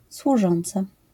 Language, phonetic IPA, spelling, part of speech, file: Polish, [swuˈʒɔ̃nt͡sa], służąca, noun / verb, LL-Q809 (pol)-służąca.wav